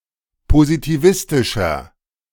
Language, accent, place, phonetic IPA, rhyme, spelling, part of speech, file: German, Germany, Berlin, [pozitiˈvɪstɪʃɐ], -ɪstɪʃɐ, positivistischer, adjective, De-positivistischer.ogg
- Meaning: 1. comparative degree of positivistisch 2. inflection of positivistisch: strong/mixed nominative masculine singular 3. inflection of positivistisch: strong genitive/dative feminine singular